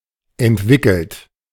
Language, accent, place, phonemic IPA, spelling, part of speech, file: German, Germany, Berlin, /ɛntˈvɪkl̩t/, entwickelt, verb / adjective, De-entwickelt.ogg
- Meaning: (verb) past participle of entwickeln; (adjective) developed; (verb) inflection of entwickeln: 1. third-person singular present 2. second-person plural present 3. plural imperative